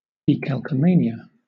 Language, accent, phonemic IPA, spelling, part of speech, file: English, Southern England, /diːˌkælkəˈmeɪnɪə/, decalcomania, noun, LL-Q1860 (eng)-decalcomania.wav
- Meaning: 1. The process of transferring decorative designs onto surfaces using decals 2. A decal